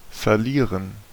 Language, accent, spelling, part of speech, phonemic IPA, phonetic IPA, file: German, Germany, verlieren, verb, /fɛrˈliːrən/, [fɛɐ̯ˈliː.ʁən], De-verlieren.ogg
- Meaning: 1. to lose (something, or a game) 2. to shed 3. to trail away, to fade away 4. to get lost